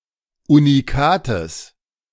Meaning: genitive singular of Unikat
- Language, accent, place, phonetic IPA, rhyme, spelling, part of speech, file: German, Germany, Berlin, [uniˈkaːtəs], -aːtəs, Unikates, noun, De-Unikates.ogg